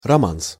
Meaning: romance, a love song (of a sentimental nature)
- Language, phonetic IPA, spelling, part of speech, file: Russian, [rɐˈmans], романс, noun, Ru-романс.ogg